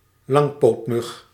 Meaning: a crane fly, mosquito of the family Tipulidae
- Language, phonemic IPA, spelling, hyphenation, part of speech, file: Dutch, /ˈlɑŋ.poːtˌmʏx/, langpootmug, lang‧poot‧mug, noun, Nl-langpootmug.ogg